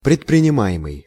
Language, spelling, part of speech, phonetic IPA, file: Russian, предпринимаемый, verb, [prʲɪtprʲɪnʲɪˈma(j)ɪmɨj], Ru-предпринимаемый.ogg
- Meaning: present passive imperfective participle of предпринима́ть (predprinimátʹ)